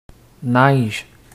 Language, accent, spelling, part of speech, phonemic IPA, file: French, Canada, neige, noun, /nɛʒ/, Qc-neige.ogg
- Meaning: 1. snow, crystalline frozen precipitation 2. cocaine, crack 3. snow, pattern of dots seen on an untuned television set